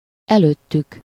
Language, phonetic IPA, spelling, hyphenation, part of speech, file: Hungarian, [ˈɛløːtːyk], előttük, előt‧tük, pronoun, Hu-előttük.ogg
- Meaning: third-person plural of előtte